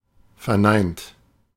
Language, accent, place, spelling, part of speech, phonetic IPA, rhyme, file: German, Germany, Berlin, verneint, verb, [fɛɐ̯ˈnaɪ̯nt], -aɪ̯nt, De-verneint.ogg
- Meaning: 1. past participle of verneinen 2. inflection of verneinen: second-person plural present 3. inflection of verneinen: third-person singular present 4. inflection of verneinen: plural imperative